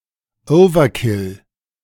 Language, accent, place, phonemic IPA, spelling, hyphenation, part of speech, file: German, Germany, Berlin, /ˈɔʊ̯vɐˌkɪl/, Overkill, Over‧kill, noun, De-Overkill.ogg
- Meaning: overkill